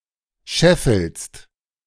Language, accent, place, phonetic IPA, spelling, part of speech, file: German, Germany, Berlin, [ˈʃɛfl̩st], scheffelst, verb, De-scheffelst.ogg
- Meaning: second-person singular present of scheffeln